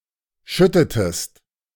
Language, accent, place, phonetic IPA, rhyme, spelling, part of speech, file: German, Germany, Berlin, [ˈʃʏtətəst], -ʏtətəst, schüttetest, verb, De-schüttetest.ogg
- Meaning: inflection of schütten: 1. second-person singular preterite 2. second-person singular subjunctive II